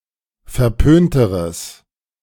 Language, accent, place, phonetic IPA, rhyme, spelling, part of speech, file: German, Germany, Berlin, [fɛɐ̯ˈpøːntəʁəs], -øːntəʁəs, verpönteres, adjective, De-verpönteres.ogg
- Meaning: strong/mixed nominative/accusative neuter singular comparative degree of verpönt